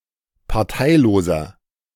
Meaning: inflection of parteilos: 1. strong/mixed nominative masculine singular 2. strong genitive/dative feminine singular 3. strong genitive plural
- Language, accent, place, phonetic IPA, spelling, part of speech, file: German, Germany, Berlin, [paʁˈtaɪ̯loːzɐ], parteiloser, adjective, De-parteiloser.ogg